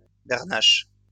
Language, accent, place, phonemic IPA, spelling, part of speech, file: French, France, Lyon, /bɛʁ.naʃ/, bernache, noun, LL-Q150 (fra)-bernache.wav
- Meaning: 1. brant, barnacle goose; any goose of the genus Branta 2. grape juice at the beginning of its fermentation process 3. barnacle